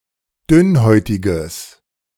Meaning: strong/mixed nominative/accusative neuter singular of dünnhäutig
- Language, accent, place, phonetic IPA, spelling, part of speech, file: German, Germany, Berlin, [ˈdʏnˌhɔɪ̯tɪɡəs], dünnhäutiges, adjective, De-dünnhäutiges.ogg